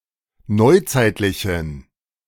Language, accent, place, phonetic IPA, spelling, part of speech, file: German, Germany, Berlin, [ˈnɔɪ̯ˌt͡saɪ̯tlɪçn̩], neuzeitlichen, adjective, De-neuzeitlichen.ogg
- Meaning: inflection of neuzeitlich: 1. strong genitive masculine/neuter singular 2. weak/mixed genitive/dative all-gender singular 3. strong/weak/mixed accusative masculine singular 4. strong dative plural